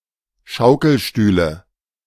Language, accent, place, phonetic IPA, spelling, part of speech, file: German, Germany, Berlin, [ˈʃaʊ̯kl̩ˌʃtyːlə], Schaukelstühle, noun, De-Schaukelstühle.ogg
- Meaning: nominative/accusative/genitive plural of Schaukelstuhl